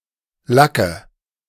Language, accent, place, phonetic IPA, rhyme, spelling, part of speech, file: German, Germany, Berlin, [ˈlakə], -akə, lacke, verb, De-lacke.ogg
- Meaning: inflection of lacken: 1. first-person singular present 2. first/third-person singular subjunctive I 3. singular imperative